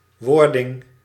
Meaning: 1. the act of becoming 2. the moment of becoming; genesis
- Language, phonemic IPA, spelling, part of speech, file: Dutch, /ˈʋɔrdɪŋ/, wording, noun, Nl-wording.ogg